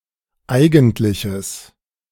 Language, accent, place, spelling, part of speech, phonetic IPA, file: German, Germany, Berlin, eigentliches, adjective, [ˈaɪ̯ɡn̩tlɪçəs], De-eigentliches.ogg
- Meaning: strong/mixed nominative/accusative neuter singular of eigentlich